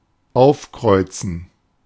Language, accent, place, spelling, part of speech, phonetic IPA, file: German, Germany, Berlin, aufkreuzen, verb, [ˈaʊ̯fˌkʁɔɪ̯t͡sn̩], De-aufkreuzen.ogg
- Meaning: 1. to sail close-hauled 2. to turn up, to show up